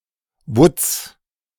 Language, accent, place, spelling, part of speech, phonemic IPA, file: German, Germany, Berlin, Wutz, noun, /vʊt͡s/, De-Wutz.ogg
- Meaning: swine, pig